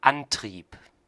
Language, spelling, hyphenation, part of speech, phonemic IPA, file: German, Antrieb, An‧trieb, noun, /ˈanˌtʁiːp/, De-Antrieb.ogg
- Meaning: 1. motive, incentive, motivation, drive 2. drive (device for moving a machine, vehicle, etc) 3. propulsion